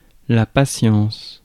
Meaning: patience (the quality of being patient)
- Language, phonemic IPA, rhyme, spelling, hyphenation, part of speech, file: French, /pa.sjɑ̃s/, -ɑ̃s, patience, pa‧tience, noun, Fr-patience.ogg